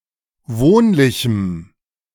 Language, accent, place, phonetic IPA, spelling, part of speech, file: German, Germany, Berlin, [ˈvoːnlɪçm̩], wohnlichem, adjective, De-wohnlichem.ogg
- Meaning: strong dative masculine/neuter singular of wohnlich